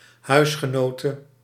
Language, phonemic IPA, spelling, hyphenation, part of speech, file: Dutch, /ˈɦœy̯s.xəˌnoː.tə/, huisgenote, huis‧ge‧no‧te, noun, Nl-huisgenote.ogg
- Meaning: a female housemate